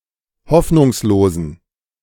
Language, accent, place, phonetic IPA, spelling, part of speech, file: German, Germany, Berlin, [ˈhɔfnʊŋsloːzn̩], hoffnungslosen, adjective, De-hoffnungslosen.ogg
- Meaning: inflection of hoffnungslos: 1. strong genitive masculine/neuter singular 2. weak/mixed genitive/dative all-gender singular 3. strong/weak/mixed accusative masculine singular 4. strong dative plural